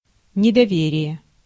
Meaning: mistrust (lack of trust)
- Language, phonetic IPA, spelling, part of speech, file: Russian, [nʲɪdɐˈvʲerʲɪje], недоверие, noun, Ru-недоверие.ogg